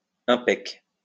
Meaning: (adjective) good; great; cool; awesome; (adverb) good; great; well; brilliantly
- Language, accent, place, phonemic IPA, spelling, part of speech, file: French, France, Lyon, /ɛ̃.pɛk/, impec, adjective / adverb, LL-Q150 (fra)-impec.wav